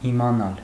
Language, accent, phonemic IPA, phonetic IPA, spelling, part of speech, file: Armenian, Eastern Armenian, /imɑˈnɑl/, [imɑnɑ́l], իմանալ, verb, Hy-իմանալ.ogg
- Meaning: 1. to know 2. to be aware 3. to learn, to find out 4. to recognize